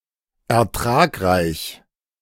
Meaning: high-yield, profitable
- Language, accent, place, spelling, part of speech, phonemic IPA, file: German, Germany, Berlin, ertragreich, adjective, /ɛɐ̯ˈtraːkraɪ̯ç/, De-ertragreich.ogg